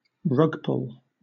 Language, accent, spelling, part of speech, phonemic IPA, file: English, Southern England, rug-pull, noun, /ˈrʌɡˌpʊl/, LL-Q1860 (eng)-rug-pull.wav
- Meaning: A sudden revelation that completely contradicts the assumptions one has been led to believe